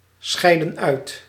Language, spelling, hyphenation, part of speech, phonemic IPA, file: Dutch, scheidden uit, scheid‧den uit, verb, /ˌsxɛi̯.də(n)ˈœy̯t/, Nl-scheidden uit.ogg
- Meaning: inflection of uitscheiden: 1. plural past indicative 2. plural past subjunctive